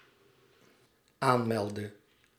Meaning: inflection of aanmelden: 1. singular dependent-clause past indicative 2. singular dependent-clause past subjunctive
- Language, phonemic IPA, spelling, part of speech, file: Dutch, /ˈanmɛldə/, aanmeldde, verb, Nl-aanmeldde.ogg